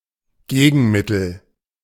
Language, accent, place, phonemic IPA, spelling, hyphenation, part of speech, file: German, Germany, Berlin, /ˈɡeːɡn̩ˌmɪtl̩/, Gegenmittel, Ge‧gen‧mit‧tel, noun, De-Gegenmittel.ogg
- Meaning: remedy, antidote